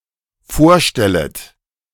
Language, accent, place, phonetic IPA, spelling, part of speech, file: German, Germany, Berlin, [ˈfoːɐ̯ˌʃtɛlət], vorstellet, verb, De-vorstellet.ogg
- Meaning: second-person plural dependent subjunctive I of vorstellen